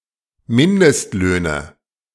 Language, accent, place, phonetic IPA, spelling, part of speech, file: German, Germany, Berlin, [ˈmɪndəstˌløːnə], Mindestlöhne, noun, De-Mindestlöhne.ogg
- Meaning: nominative/accusative/genitive plural of Mindestlohn